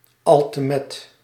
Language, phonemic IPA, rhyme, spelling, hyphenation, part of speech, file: Dutch, /ˌɑl.təˈmɛt/, -ɛt, altemet, al‧te‧met, adverb, Nl-altemet.ogg
- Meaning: 1. sometimes, now and then 2. maybe, perhaps